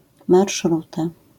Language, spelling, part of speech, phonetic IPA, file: Polish, marszruta, noun, [marʃˈruta], LL-Q809 (pol)-marszruta.wav